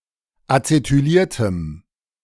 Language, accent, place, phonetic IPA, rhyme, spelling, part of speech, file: German, Germany, Berlin, [at͡setyˈliːɐ̯təm], -iːɐ̯təm, acetyliertem, adjective, De-acetyliertem.ogg
- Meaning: strong dative masculine/neuter singular of acetyliert